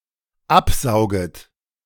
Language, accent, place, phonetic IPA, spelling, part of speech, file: German, Germany, Berlin, [ˈapˌzaʊ̯ɡət], absauget, verb, De-absauget.ogg
- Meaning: second-person plural dependent subjunctive I of absaugen